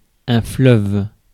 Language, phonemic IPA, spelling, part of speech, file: French, /flœv/, fleuve, noun, Fr-fleuve.ogg
- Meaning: 1. a river that flows into an ocean or sea (a river that flows into another river or body of water is called a rivière) 2. a continuous and unstoppable stream of people, things, or words